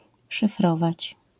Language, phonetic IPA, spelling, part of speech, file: Polish, [ʃɨfˈrɔvat͡ɕ], szyfrować, verb, LL-Q809 (pol)-szyfrować.wav